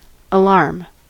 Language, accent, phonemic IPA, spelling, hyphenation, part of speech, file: English, US, /əˈlɑɹm/, alarm, alarm, noun / verb, En-us-alarm.ogg
- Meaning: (noun) 1. A summons to arms, as on the approach of an enemy 2. Any sound or information intended to give notice of approaching danger; a warning sound to arouse attention; a warning of danger